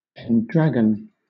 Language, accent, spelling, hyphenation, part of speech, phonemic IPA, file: English, Southern England, pendragon, pen‧drag‧on, noun, /pɛnˈdɹæɡ(ə)n/, LL-Q1860 (eng)-pendragon.wav
- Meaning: Also capitalized as Pendragon: a title assumed by the ancient British chiefs when called to lead other chiefs: chief war leader, chieftain, dictator, despot or king